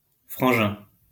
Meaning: 1. buddy, mate, bro 2. brother, bro
- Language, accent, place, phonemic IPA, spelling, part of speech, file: French, France, Lyon, /fʁɑ̃.ʒɛ̃/, frangin, noun, LL-Q150 (fra)-frangin.wav